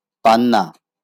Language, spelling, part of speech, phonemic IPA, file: Bengali, পান্না, noun, /panːa/, LL-Q9610 (ben)-পান্না.wav
- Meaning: emerald